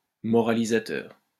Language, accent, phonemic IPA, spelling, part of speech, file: French, France, /mɔ.ʁa.li.za.tœʁ/, moralisateur, adjective, LL-Q150 (fra)-moralisateur.wav
- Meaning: moralizing, sanctimonious